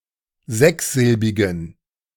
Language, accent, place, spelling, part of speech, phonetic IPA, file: German, Germany, Berlin, sechssilbigen, adjective, [ˈzɛksˌzɪlbɪɡn̩], De-sechssilbigen.ogg
- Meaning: inflection of sechssilbig: 1. strong genitive masculine/neuter singular 2. weak/mixed genitive/dative all-gender singular 3. strong/weak/mixed accusative masculine singular 4. strong dative plural